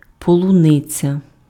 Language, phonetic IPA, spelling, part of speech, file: Ukrainian, [pɔɫʊˈnɪt͡sʲɐ], полуниця, noun, Uk-полуниця.ogg
- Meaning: strawberry (cultivated plant and fruit)